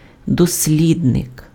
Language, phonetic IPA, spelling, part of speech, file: Ukrainian, [dosʲˈlʲidnek], дослідник, noun, Uk-дослідник.ogg
- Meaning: researcher